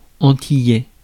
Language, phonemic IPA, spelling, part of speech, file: French, /ɑ̃.ti.jɛ/, antillais, adjective, Fr-antillais.ogg
- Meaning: Antillean (of, from or relating to Antilles)